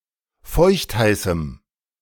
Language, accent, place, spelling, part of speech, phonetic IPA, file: German, Germany, Berlin, feuchtheißem, adjective, [ˈfɔɪ̯çtˌhaɪ̯sm̩], De-feuchtheißem.ogg
- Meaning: strong dative masculine/neuter singular of feuchtheiß